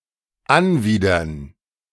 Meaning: to disgust
- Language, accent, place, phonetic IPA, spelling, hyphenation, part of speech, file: German, Germany, Berlin, [ˈanˌviːdɐn], anwidern, an‧wid‧ern, verb, De-anwidern.ogg